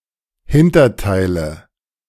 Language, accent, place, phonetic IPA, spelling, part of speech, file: German, Germany, Berlin, [ˈhɪntɐˌtaɪ̯lə], Hinterteile, noun, De-Hinterteile.ogg
- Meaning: nominative/accusative/genitive plural of Hinterteil